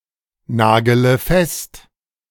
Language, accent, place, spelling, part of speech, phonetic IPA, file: German, Germany, Berlin, nagele fest, verb, [ˌnaːɡələ ˈfɛst], De-nagele fest.ogg
- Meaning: inflection of festnageln: 1. first-person singular present 2. first/third-person singular subjunctive I 3. singular imperative